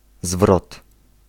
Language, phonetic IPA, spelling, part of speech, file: Polish, [zvrɔt], zwrot, noun, Pl-zwrot.ogg